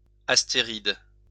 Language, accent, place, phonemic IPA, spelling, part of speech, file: French, France, Lyon, /as.te.ʁid/, astéride, noun, LL-Q150 (fra)-astéride.wav
- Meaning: asteroid, starfish (of class Asteroidea)